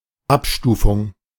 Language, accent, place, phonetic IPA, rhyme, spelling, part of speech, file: German, Germany, Berlin, [ˈapˌʃtuːfʊŋ], -apʃtuːfʊŋ, Abstufung, noun, De-Abstufung.ogg
- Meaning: gradation